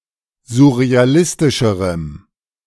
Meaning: strong dative masculine/neuter singular comparative degree of surrealistisch
- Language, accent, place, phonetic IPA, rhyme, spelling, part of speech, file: German, Germany, Berlin, [zʊʁeaˈlɪstɪʃəʁəm], -ɪstɪʃəʁəm, surrealistischerem, adjective, De-surrealistischerem.ogg